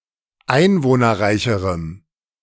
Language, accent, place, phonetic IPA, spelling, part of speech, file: German, Germany, Berlin, [ˈaɪ̯nvoːnɐˌʁaɪ̯çəʁəm], einwohnerreicherem, adjective, De-einwohnerreicherem.ogg
- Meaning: strong dative masculine/neuter singular comparative degree of einwohnerreich